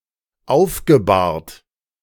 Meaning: past participle of aufbahren
- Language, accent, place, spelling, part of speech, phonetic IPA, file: German, Germany, Berlin, aufgebahrt, verb, [ˈaʊ̯fɡəˌbaːɐ̯t], De-aufgebahrt.ogg